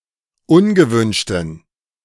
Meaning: inflection of ungewünscht: 1. strong genitive masculine/neuter singular 2. weak/mixed genitive/dative all-gender singular 3. strong/weak/mixed accusative masculine singular 4. strong dative plural
- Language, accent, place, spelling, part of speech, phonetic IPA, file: German, Germany, Berlin, ungewünschten, adjective, [ˈʊnɡəˌvʏnʃtn̩], De-ungewünschten.ogg